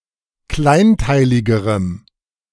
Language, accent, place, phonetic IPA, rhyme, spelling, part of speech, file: German, Germany, Berlin, [ˈklaɪ̯nˌtaɪ̯lɪɡəʁəm], -aɪ̯ntaɪ̯lɪɡəʁəm, kleinteiligerem, adjective, De-kleinteiligerem.ogg
- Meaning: strong dative masculine/neuter singular comparative degree of kleinteilig